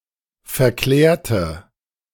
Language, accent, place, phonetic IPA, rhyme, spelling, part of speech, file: German, Germany, Berlin, [fɛɐ̯ˈklɛːɐ̯tə], -ɛːɐ̯tə, verklärte, adjective / verb, De-verklärte.ogg
- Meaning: inflection of verklärt: 1. strong/mixed nominative/accusative feminine singular 2. strong nominative/accusative plural 3. weak nominative all-gender singular